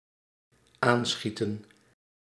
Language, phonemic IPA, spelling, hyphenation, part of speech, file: Dutch, /ˈaːnˌsxi.tə(n)/, aanschieten, aan‧schie‧ten, verb, Nl-aanschieten.ogg
- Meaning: 1. to shoot at (something) while landing a hit but not killing the target 2. to quickly put on (clothes) 3. to approach or arrive quickly 4. to switch on quickly